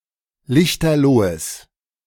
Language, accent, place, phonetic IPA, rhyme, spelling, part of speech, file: German, Germany, Berlin, [ˈlɪçtɐˈloːəs], -oːəs, lichterlohes, adjective, De-lichterlohes.ogg
- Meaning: strong/mixed nominative/accusative neuter singular of lichterloh